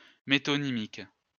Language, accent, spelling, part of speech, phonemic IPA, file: French, France, métonymique, adjective, /me.tɔ.ni.mik/, LL-Q150 (fra)-métonymique.wav
- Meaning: metonymic